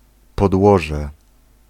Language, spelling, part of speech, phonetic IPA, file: Polish, podłoże, noun, [pɔdˈwɔʒɛ], Pl-podłoże.ogg